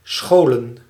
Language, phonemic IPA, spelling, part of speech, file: Dutch, /ˈsxolə(n)/, scholen, verb / noun, Nl-scholen.ogg
- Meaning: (verb) to school, give formal/organized training; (noun) plural of school; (verb) inflection of schuilen: 1. plural past indicative 2. plural past subjunctive